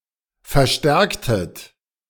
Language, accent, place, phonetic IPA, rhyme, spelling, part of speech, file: German, Germany, Berlin, [fɛɐ̯ˈʃtɛʁktət], -ɛʁktət, verstärktet, verb, De-verstärktet.ogg
- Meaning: inflection of verstärken: 1. second-person plural preterite 2. second-person plural subjunctive II